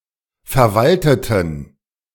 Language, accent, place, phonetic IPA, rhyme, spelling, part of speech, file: German, Germany, Berlin, [fɛɐ̯ˈvaltətn̩], -altətn̩, verwalteten, adjective / verb, De-verwalteten.ogg
- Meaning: inflection of verwalten: 1. first/third-person plural preterite 2. first/third-person plural subjunctive II